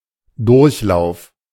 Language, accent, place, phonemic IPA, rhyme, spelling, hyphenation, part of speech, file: German, Germany, Berlin, /ˈdʊʁçˌlaʊ̯f/, -aʊ̯f, Durchlauf, Durch‧lauf, noun, De-Durchlauf.ogg
- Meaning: iteration of a process, run-through (rehearsal), (test) run